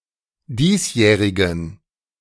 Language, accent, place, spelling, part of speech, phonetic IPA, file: German, Germany, Berlin, diesjährigen, adjective, [ˈdiːsˌjɛːʁɪɡn̩], De-diesjährigen.ogg
- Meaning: inflection of diesjährig: 1. strong genitive masculine/neuter singular 2. weak/mixed genitive/dative all-gender singular 3. strong/weak/mixed accusative masculine singular 4. strong dative plural